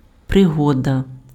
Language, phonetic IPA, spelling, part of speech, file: Ukrainian, [preˈɦɔdɐ], пригода, noun, Uk-пригода.ogg
- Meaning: 1. incident, episode (notable event or occurrence, especially unexpected) 2. adventure